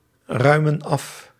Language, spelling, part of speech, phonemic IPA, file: Dutch, ruimen af, verb, /ˈrœymə(n) ˈɑf/, Nl-ruimen af.ogg
- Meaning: inflection of afruimen: 1. plural present indicative 2. plural present subjunctive